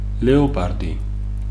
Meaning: leopard
- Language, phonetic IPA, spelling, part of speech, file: Georgian, [le̞o̞pʼäɾdi], ლეოპარდი, noun, Ka-ლეოპარდი.ogg